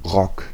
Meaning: 1. skirt (garment) 2. (men's) jacket 3. dress 4. rock (style of music)
- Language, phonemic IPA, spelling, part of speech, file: German, /ʁɔk/, Rock, noun, De-Rock.ogg